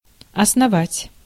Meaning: 1. to found, to establish 2. to base upon, to build upon
- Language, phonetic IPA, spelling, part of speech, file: Russian, [ɐsnɐˈvatʲ], основать, verb, Ru-основать.ogg